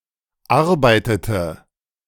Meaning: inflection of arbeiten: 1. first/third-person singular preterite 2. first/third-person singular subjunctive II
- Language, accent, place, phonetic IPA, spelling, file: German, Germany, Berlin, [ˈaʁbaɪ̯tətə], arbeitete, De-arbeitete.ogg